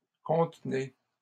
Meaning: inflection of contenir: 1. second-person plural present indicative 2. second-person plural imperative
- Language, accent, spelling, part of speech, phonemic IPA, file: French, Canada, contenez, verb, /kɔ̃t.ne/, LL-Q150 (fra)-contenez.wav